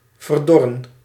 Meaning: to wither
- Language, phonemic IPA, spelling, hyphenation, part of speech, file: Dutch, /vərˈdɔ.rə(n)/, verdorren, ver‧dor‧ren, verb, Nl-verdorren.ogg